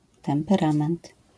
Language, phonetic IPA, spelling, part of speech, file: Polish, [ˌtɛ̃mpɛˈrãmɛ̃nt], temperament, noun, LL-Q809 (pol)-temperament.wav